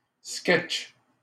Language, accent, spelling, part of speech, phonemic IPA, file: French, Canada, sketch, noun, /skɛtʃ/, LL-Q150 (fra)-sketch.wav
- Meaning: sketch, skit (short comic work)